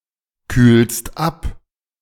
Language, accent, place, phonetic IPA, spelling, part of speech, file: German, Germany, Berlin, [ˌkyːlst ˈap], kühlst ab, verb, De-kühlst ab.ogg
- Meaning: second-person singular present of abkühlen